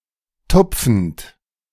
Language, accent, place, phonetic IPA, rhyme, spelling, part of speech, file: German, Germany, Berlin, [ˈtʊp͡fn̩t], -ʊp͡fn̩t, tupfend, verb, De-tupfend.ogg
- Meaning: present participle of tupfen